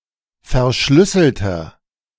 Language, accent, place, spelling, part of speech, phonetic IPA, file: German, Germany, Berlin, verschlüsselter, adjective, [fɛɐ̯ˈʃlʏsl̩tɐ], De-verschlüsselter.ogg
- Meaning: inflection of verschlüsselt: 1. strong/mixed nominative masculine singular 2. strong genitive/dative feminine singular 3. strong genitive plural